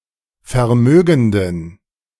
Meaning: inflection of vermögend: 1. strong genitive masculine/neuter singular 2. weak/mixed genitive/dative all-gender singular 3. strong/weak/mixed accusative masculine singular 4. strong dative plural
- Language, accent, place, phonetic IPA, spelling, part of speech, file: German, Germany, Berlin, [fɛɐ̯ˈmøːɡn̩dən], vermögenden, adjective, De-vermögenden.ogg